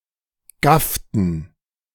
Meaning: inflection of gaffen: 1. first/third-person plural preterite 2. first/third-person plural subjunctive II
- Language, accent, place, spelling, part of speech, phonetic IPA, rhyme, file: German, Germany, Berlin, gafften, verb, [ˈɡaftn̩], -aftn̩, De-gafften.ogg